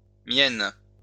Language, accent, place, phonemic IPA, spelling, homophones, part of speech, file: French, France, Lyon, /mjɛn/, mienne, Mienne / Myennes, adjective, LL-Q150 (fra)-mienne.wav
- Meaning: feminine singular of mien (“my”)